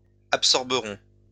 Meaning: third-person plural future of absorber
- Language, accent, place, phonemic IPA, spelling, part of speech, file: French, France, Lyon, /ap.sɔʁ.bə.ʁɔ̃/, absorberont, verb, LL-Q150 (fra)-absorberont.wav